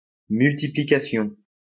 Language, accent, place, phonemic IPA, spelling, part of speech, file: French, France, Lyon, /myl.ti.pli.ka.sjɔ̃/, multiplication, noun, LL-Q150 (fra)-multiplication.wav
- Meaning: multiplication